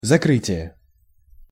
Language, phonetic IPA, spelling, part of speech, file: Russian, [zɐˈkrɨtʲɪje], закрытие, noun, Ru-закрытие.ogg
- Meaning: 1. closing, shutting 2. close, end, finish